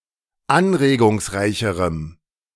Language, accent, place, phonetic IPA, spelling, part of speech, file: German, Germany, Berlin, [ˈanʁeːɡʊŋsˌʁaɪ̯çəʁəm], anregungsreicherem, adjective, De-anregungsreicherem.ogg
- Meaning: strong dative masculine/neuter singular comparative degree of anregungsreich